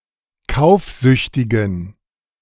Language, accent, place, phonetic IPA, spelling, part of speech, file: German, Germany, Berlin, [ˈkaʊ̯fˌzʏçtɪɡn̩], kaufsüchtigen, adjective, De-kaufsüchtigen.ogg
- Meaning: inflection of kaufsüchtig: 1. strong genitive masculine/neuter singular 2. weak/mixed genitive/dative all-gender singular 3. strong/weak/mixed accusative masculine singular 4. strong dative plural